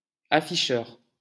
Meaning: 1. bill sticker 2. display
- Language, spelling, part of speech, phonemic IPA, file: French, afficheur, noun, /a.fi.ʃœʁ/, LL-Q150 (fra)-afficheur.wav